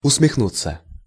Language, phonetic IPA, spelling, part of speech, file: Russian, [ʊsmʲɪxˈnut͡sːə], усмехнуться, verb, Ru-усмехнуться.ogg
- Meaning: to grin, to smile, to smirk